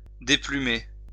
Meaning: 1. to pluck (feathers from a living bird) 2. to lose feathers
- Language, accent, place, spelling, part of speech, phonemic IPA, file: French, France, Lyon, déplumer, verb, /de.ply.me/, LL-Q150 (fra)-déplumer.wav